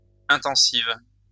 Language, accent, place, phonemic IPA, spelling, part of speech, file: French, France, Lyon, /ɛ̃.tɑ̃.siv/, intensive, adjective, LL-Q150 (fra)-intensive.wav
- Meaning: feminine singular of intensif